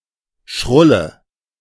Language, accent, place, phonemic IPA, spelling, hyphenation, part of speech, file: German, Germany, Berlin, /ˈʃʁʊlə/, Schrulle, Schrul‧le, noun, De-Schrulle.ogg
- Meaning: 1. quirk 2. quirky old woman